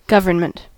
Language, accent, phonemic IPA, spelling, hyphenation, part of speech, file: English, US, /ˈɡʌv.ɚ(n).mənt/, government, gov‧ern‧ment, noun, En-us-government.ogg
- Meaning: 1. The body with the power to make and/or enforce laws to control a country, land area, people or organization 2. The relationship between a word and its dependents